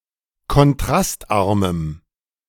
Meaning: strong dative masculine/neuter singular of kontrastarm
- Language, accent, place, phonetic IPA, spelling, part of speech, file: German, Germany, Berlin, [kɔnˈtʁastˌʔaʁməm], kontrastarmem, adjective, De-kontrastarmem.ogg